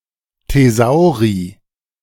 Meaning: plural of Thesaurus
- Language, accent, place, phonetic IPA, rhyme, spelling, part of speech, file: German, Germany, Berlin, [teˈzaʊ̯ʁi], -aʊ̯ʁi, Thesauri, noun, De-Thesauri.ogg